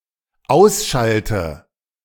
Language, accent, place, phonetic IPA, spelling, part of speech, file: German, Germany, Berlin, [ˈaʊ̯sˌʃaltə], ausschalte, verb, De-ausschalte.ogg
- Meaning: inflection of ausschalten: 1. first-person singular dependent present 2. first/third-person singular dependent subjunctive I